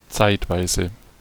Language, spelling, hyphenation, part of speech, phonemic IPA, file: German, zeitweise, zeit‧wei‧se, adverb, /ˈt͡saɪ̯tˌvaɪ̯.zə/, De-zeitweise.ogg
- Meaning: 1. at times 2. for a time